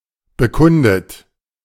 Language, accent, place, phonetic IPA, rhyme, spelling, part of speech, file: German, Germany, Berlin, [bəˈkʊndət], -ʊndət, bekundet, verb, De-bekundet.ogg
- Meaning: past participle of bekunden